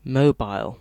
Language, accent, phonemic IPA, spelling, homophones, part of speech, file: English, UK, /ˈməʊ.baɪl/, mobile, Mobile, adjective / noun, En-uk-mobile.ogg
- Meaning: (adjective) 1. Capable of being moved, especially on wheels 2. Able to move freely or easily 3. Pertaining to or by agency of mobile phones